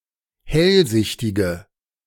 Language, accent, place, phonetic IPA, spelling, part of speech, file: German, Germany, Berlin, [ˈhɛlˌzɪçtɪɡə], hellsichtige, adjective, De-hellsichtige.ogg
- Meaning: inflection of hellsichtig: 1. strong/mixed nominative/accusative feminine singular 2. strong nominative/accusative plural 3. weak nominative all-gender singular